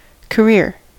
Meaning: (noun) One’s calling in life; one's working occupation or profession, especially when pursued seriously or over a long period of time
- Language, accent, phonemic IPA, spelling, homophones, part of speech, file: English, General American, /kəˈɹɪɹ/, career, chorea / carrier, noun / verb / adjective, En-us-career.ogg